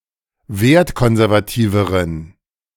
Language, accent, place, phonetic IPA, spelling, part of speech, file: German, Germany, Berlin, [ˈveːɐ̯tˌkɔnzɛʁvaˌtiːvəʁən], wertkonservativeren, adjective, De-wertkonservativeren.ogg
- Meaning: inflection of wertkonservativ: 1. strong genitive masculine/neuter singular comparative degree 2. weak/mixed genitive/dative all-gender singular comparative degree